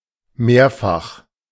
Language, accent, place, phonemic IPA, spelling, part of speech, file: German, Germany, Berlin, /ˈmeːɐ̯fax/, mehrfach, adjective, De-mehrfach.ogg
- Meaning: several, multiple